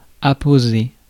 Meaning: 1. to put up, stick up, attach 2. to stamp, sign
- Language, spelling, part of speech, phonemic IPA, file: French, apposer, verb, /a.po.ze/, Fr-apposer.ogg